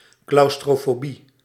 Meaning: claustrophobia
- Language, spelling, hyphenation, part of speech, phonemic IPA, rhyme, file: Dutch, claustrofobie, claus‧tro‧fo‧bie, noun, /ˌklɑu̯s.troː.foːˈbi/, -i, Nl-claustrofobie.ogg